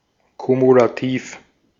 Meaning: cumulative
- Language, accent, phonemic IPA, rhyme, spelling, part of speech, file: German, Austria, /kumulaˈtiːf/, -iːf, kumulativ, adjective, De-at-kumulativ.ogg